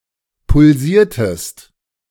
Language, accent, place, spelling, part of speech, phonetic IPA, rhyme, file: German, Germany, Berlin, pulsiertest, verb, [pʊlˈziːɐ̯təst], -iːɐ̯təst, De-pulsiertest.ogg
- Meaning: inflection of pulsieren: 1. second-person singular preterite 2. second-person singular subjunctive II